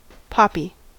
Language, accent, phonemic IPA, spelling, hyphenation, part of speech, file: English, General American, /ˈpɑpi/, poppy, pop‧py, noun / adjective, En-us-poppy.ogg